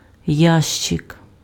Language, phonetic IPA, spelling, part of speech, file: Ukrainian, [ˈjaʃt͡ʃek], ящик, noun, Uk-ящик.ogg
- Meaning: box, case, chest